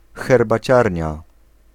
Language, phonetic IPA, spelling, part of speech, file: Polish, [ˌxɛrbaˈt͡ɕarʲɲa], herbaciarnia, noun, Pl-herbaciarnia.ogg